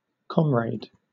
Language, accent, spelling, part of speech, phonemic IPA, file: English, Southern England, comrade, noun / verb, /ˈkɒmɹeɪd/, LL-Q1860 (eng)-comrade.wav
- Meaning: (noun) 1. A mate, companion, or associate 2. A mate, companion, or associate.: A companion in battle; fellow soldier 3. A fellow socialist, communist or other similarly politically aligned person